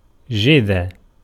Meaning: to stem
- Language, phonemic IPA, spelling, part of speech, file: Arabic, /d͡ʒiðʕ/, جذع, verb, Ar-جذع.ogg